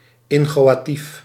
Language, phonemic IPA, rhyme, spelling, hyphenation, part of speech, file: Dutch, /ˌɪŋ.xoː.aːˈtif/, -if, inchoatief, in‧cho‧a‧tief, adjective, Nl-inchoatief.ogg
- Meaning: inchoative